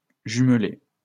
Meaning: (verb) past participle of jumeler; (adjective) paired
- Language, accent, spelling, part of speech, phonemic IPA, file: French, France, jumelé, verb / adjective, /ʒym.le/, LL-Q150 (fra)-jumelé.wav